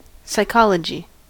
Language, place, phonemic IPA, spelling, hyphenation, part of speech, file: English, California, /saɪˈkɑ.lə.d͡ʒi/, psychology, psy‧chol‧o‧gy, noun, En-us-psychology.ogg
- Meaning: 1. The study of the human mind 2. The study of human or animal behavior 3. The study of the soul